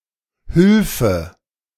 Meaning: archaic form of Hilfe
- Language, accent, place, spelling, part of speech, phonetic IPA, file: German, Germany, Berlin, Hülfe, noun, [ˈhʏlfə], De-Hülfe.ogg